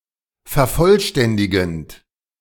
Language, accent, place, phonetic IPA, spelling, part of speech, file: German, Germany, Berlin, [fɛɐ̯ˈfɔlˌʃtɛndɪɡn̩t], vervollständigend, verb, De-vervollständigend.ogg
- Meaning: present participle of vervollständigen